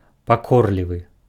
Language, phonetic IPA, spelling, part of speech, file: Belarusian, [paˈkorlʲivɨ], пакорлівы, adjective, Be-пакорлівы.ogg
- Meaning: obedient